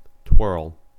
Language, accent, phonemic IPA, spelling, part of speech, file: English, US, /twɝl/, twirl, noun / verb, En-us-twirl.ogg
- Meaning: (noun) 1. A movement where a person spins round elegantly; a pirouette 2. Any rotating movement; a spin 3. A little twist of some substance; a swirl 4. A prison guard; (verb) To perform a twirl